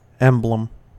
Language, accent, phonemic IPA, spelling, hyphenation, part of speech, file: English, US, /ˈɛmbləm/, emblem, em‧blem, noun / verb, En-us-emblem.ogg
- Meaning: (noun) 1. A representative symbol, such as a trademark, a badge or logo 2. Something that represents a larger whole 3. Inlay; inlaid or mosaic work; something ornamental inserted in a surface